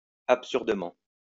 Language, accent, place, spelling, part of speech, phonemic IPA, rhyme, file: French, France, Lyon, absurdement, adverb, /ap.syʁ.də.mɑ̃/, -ɑ̃, LL-Q150 (fra)-absurdement.wav
- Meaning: absurdly